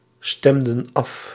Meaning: inflection of afstemmen: 1. plural past indicative 2. plural past subjunctive
- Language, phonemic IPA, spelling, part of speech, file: Dutch, /ˈstɛmdə(n) ˈɑf/, stemden af, verb, Nl-stemden af.ogg